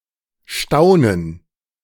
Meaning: 1. gerund of staunen 2. gerund of staunen: astonishment, amazement
- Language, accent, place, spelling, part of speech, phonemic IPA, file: German, Germany, Berlin, Staunen, noun, /ˈʃtaunən/, De-Staunen.ogg